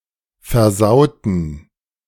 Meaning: inflection of versauen: 1. first/third-person plural preterite 2. first/third-person plural subjunctive II
- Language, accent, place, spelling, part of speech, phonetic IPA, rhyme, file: German, Germany, Berlin, versauten, adjective / verb, [fɛɐ̯ˈzaʊ̯tn̩], -aʊ̯tn̩, De-versauten.ogg